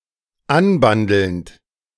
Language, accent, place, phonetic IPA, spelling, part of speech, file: German, Germany, Berlin, [ˈanˌbandl̩nt], anbandelnd, verb, De-anbandelnd.ogg
- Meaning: present participle of anbandeln